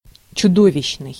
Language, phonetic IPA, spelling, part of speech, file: Russian, [t͡ɕʊˈdovʲɪɕːnɨj], чудовищный, adjective, Ru-чудовищный.ogg
- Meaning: monstrous